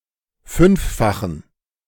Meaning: inflection of fünffach: 1. strong genitive masculine/neuter singular 2. weak/mixed genitive/dative all-gender singular 3. strong/weak/mixed accusative masculine singular 4. strong dative plural
- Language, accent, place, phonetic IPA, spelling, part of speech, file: German, Germany, Berlin, [ˈfʏnfˌfaxn̩], fünffachen, adjective, De-fünffachen.ogg